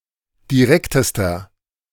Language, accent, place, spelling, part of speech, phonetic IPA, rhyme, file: German, Germany, Berlin, direktester, adjective, [diˈʁɛktəstɐ], -ɛktəstɐ, De-direktester.ogg
- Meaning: inflection of direkt: 1. strong/mixed nominative masculine singular superlative degree 2. strong genitive/dative feminine singular superlative degree 3. strong genitive plural superlative degree